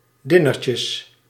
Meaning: plural of dinertje
- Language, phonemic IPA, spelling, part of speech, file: Dutch, /diˈnecəs/, dinertjes, noun, Nl-dinertjes.ogg